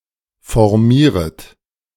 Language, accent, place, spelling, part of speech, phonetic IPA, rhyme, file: German, Germany, Berlin, formieret, verb, [fɔʁˈmiːʁət], -iːʁət, De-formieret.ogg
- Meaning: second-person plural subjunctive I of formieren